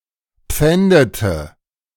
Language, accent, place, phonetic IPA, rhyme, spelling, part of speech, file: German, Germany, Berlin, [ˈp͡fɛndətə], -ɛndətə, pfändete, verb, De-pfändete.ogg
- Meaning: inflection of pfänden: 1. first/third-person singular preterite 2. first/third-person singular subjunctive II